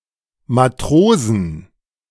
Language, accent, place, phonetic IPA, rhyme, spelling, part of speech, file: German, Germany, Berlin, [maˈtʁoːzn̩], -oːzn̩, Matrosen, noun, De-Matrosen.ogg
- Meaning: 1. genitive singular of Matrose 2. plural of Matrose